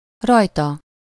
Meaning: on him/her/it
- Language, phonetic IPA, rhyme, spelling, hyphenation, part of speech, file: Hungarian, [ˈrɒjtɒ], -tɒ, rajta, raj‧ta, pronoun, Hu-rajta.ogg